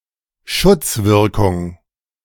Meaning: protective effect
- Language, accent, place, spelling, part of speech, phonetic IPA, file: German, Germany, Berlin, Schutzwirkung, noun, [ˈʃʊt͡sˌvɪʁkʊŋ], De-Schutzwirkung.ogg